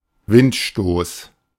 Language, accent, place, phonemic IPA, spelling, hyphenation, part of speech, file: German, Germany, Berlin, /ˈvɪntˌʃtoːs/, Windstoß, Wind‧stoß, noun, De-Windstoß.ogg
- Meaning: blast, bluster, flurry, puff (gust of wind)